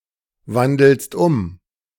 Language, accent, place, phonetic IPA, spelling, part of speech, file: German, Germany, Berlin, [ˌvandl̩st ˈʊm], wandelst um, verb, De-wandelst um.ogg
- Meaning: second-person singular present of umwandeln